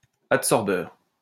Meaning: adsorber
- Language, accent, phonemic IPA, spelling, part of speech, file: French, France, /at.sɔʁ.bœʁ/, adsorbeur, noun, LL-Q150 (fra)-adsorbeur.wav